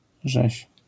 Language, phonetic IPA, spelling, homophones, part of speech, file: Polish, [ʒɛɕ], rzeź, żeś, noun, LL-Q809 (pol)-rzeź.wav